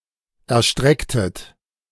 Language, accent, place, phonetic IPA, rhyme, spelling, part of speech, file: German, Germany, Berlin, [ɛɐ̯ˈʃtʁɛktət], -ɛktət, erstrecktet, verb, De-erstrecktet.ogg
- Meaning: inflection of erstrecken: 1. second-person plural preterite 2. second-person plural subjunctive II